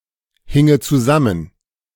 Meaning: first/third-person singular subjunctive II of zusammenhängen
- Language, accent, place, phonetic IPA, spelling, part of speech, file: German, Germany, Berlin, [ˌhɪŋə t͡suˈzamən], hinge zusammen, verb, De-hinge zusammen.ogg